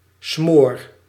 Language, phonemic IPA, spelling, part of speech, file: Dutch, /smor/, smoor, noun / adjective / verb, Nl-smoor.ogg
- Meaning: inflection of smoren: 1. first-person singular present indicative 2. second-person singular present indicative 3. imperative